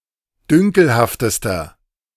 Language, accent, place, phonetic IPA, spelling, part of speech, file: German, Germany, Berlin, [ˈdʏŋkl̩haftəstɐ], dünkelhaftester, adjective, De-dünkelhaftester.ogg
- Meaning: inflection of dünkelhaft: 1. strong/mixed nominative masculine singular superlative degree 2. strong genitive/dative feminine singular superlative degree 3. strong genitive plural superlative degree